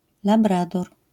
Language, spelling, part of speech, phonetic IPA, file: Polish, labrador, noun, [laˈbradɔr], LL-Q809 (pol)-labrador.wav